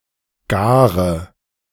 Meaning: inflection of garen: 1. first-person singular present 2. first/third-person singular subjunctive I 3. singular imperative
- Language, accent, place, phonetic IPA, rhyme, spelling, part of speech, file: German, Germany, Berlin, [ˈɡaːʁə], -aːʁə, gare, adjective / verb, De-gare.ogg